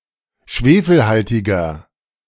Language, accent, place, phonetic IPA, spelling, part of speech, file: German, Germany, Berlin, [ˈʃveːfl̩ˌhaltɪɡɐ], schwefelhaltiger, adjective, De-schwefelhaltiger.ogg
- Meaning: inflection of schwefelhaltig: 1. strong/mixed nominative masculine singular 2. strong genitive/dative feminine singular 3. strong genitive plural